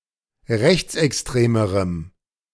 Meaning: strong dative masculine/neuter singular comparative degree of rechtsextrem
- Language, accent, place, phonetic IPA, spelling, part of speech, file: German, Germany, Berlin, [ˈʁɛçt͡sʔɛksˌtʁeːməʁəm], rechtsextremerem, adjective, De-rechtsextremerem.ogg